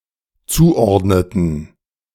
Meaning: inflection of zuordnen: 1. first/third-person plural dependent preterite 2. first/third-person plural dependent subjunctive II
- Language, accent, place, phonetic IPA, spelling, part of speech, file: German, Germany, Berlin, [ˈt͡suːˌʔɔʁdnətn̩], zuordneten, verb, De-zuordneten.ogg